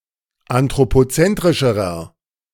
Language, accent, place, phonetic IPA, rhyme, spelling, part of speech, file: German, Germany, Berlin, [antʁopoˈt͡sɛntʁɪʃəʁɐ], -ɛntʁɪʃəʁɐ, anthropozentrischerer, adjective, De-anthropozentrischerer.ogg
- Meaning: inflection of anthropozentrisch: 1. strong/mixed nominative masculine singular comparative degree 2. strong genitive/dative feminine singular comparative degree